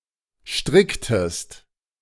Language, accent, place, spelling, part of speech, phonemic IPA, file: German, Germany, Berlin, stricktest, verb, /ˈʃtʁɪktəst/, De-stricktest.ogg
- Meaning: inflection of stricken: 1. second-person singular preterite 2. second-person singular subjunctive II